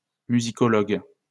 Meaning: musicologist
- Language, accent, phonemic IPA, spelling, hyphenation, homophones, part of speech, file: French, France, /my.zi.kɔ.lɔɡ/, musicologue, mu‧si‧co‧logue, musicologues, noun, LL-Q150 (fra)-musicologue.wav